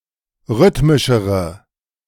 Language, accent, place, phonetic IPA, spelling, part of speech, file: German, Germany, Berlin, [ˈʁʏtmɪʃəʁə], rhythmischere, adjective, De-rhythmischere.ogg
- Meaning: inflection of rhythmisch: 1. strong/mixed nominative/accusative feminine singular comparative degree 2. strong nominative/accusative plural comparative degree